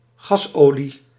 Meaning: diesel
- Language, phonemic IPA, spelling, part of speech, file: Dutch, /ˈɣɑsoli/, gasolie, noun, Nl-gasolie.ogg